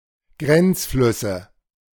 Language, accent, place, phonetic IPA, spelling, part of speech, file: German, Germany, Berlin, [ˈɡʁɛnt͡sˌflʏsə], Grenzflüsse, noun, De-Grenzflüsse.ogg
- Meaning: nominative/accusative/genitive plural of Grenzfluss